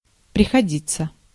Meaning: to be necessary, to be required [with dative ‘for someone’ and infinitive ‘to do something’] (idiomatically translated by English have to or must with the dative object as the subject)
- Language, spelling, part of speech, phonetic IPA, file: Russian, приходиться, verb, [prʲɪxɐˈdʲit͡sːə], Ru-приходиться.ogg